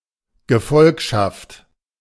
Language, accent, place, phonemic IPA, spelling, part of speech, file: German, Germany, Berlin, /ɡəˈfɔlkʃaft/, Gefolgschaft, noun, De-Gefolgschaft.ogg
- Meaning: 1. entourage, fellowship (of followers, disciples), following, followership 2. fealty, loyalty